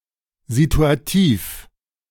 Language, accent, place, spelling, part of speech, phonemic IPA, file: German, Germany, Berlin, situativ, adjective, /zitu̯aˈtiːf/, De-situativ.ogg
- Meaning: situational